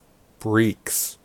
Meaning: Pants, breeches
- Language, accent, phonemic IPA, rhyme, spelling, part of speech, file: English, US, /bɹiːks/, -iːks, breeks, noun, En-us-breeks.ogg